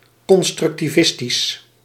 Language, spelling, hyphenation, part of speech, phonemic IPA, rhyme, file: Dutch, constructivistisch, con‧struc‧ti‧vis‧tisch, adjective, /ˌkɔn.strʏk.tiˈvɪs.tis/, -ɪstis, Nl-constructivistisch.ogg
- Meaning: constructivist